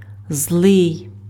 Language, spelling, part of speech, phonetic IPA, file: Ukrainian, злий, adjective, [zɫɪi̯], Uk-злий.ogg
- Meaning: 1. bad, evil 2. angry